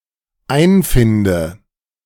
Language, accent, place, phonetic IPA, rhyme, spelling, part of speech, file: German, Germany, Berlin, [ˈaɪ̯nˌfɪndə], -aɪ̯nfɪndə, einfinde, verb, De-einfinde.ogg
- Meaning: inflection of einfinden: 1. first-person singular dependent present 2. first/third-person singular dependent subjunctive I